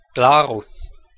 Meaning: 1. Glarus (a canton of Switzerland) 2. Glarus (a town, the capital of Glarus canton, Switzerland)
- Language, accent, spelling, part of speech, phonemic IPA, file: German, Switzerland, Glarus, proper noun, /ˈɡlaːʁʊs/, De-Glarus.ogg